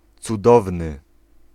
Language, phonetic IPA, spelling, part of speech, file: Polish, [t͡suˈdɔvnɨ], cudowny, adjective, Pl-cudowny.ogg